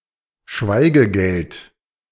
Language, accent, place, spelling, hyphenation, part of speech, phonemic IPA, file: German, Germany, Berlin, Schweigegeld, Schwei‧ge‧geld, noun, /ˈʃvaɪ̯ɡəˌɡɛlt/, De-Schweigegeld.ogg
- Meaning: hush money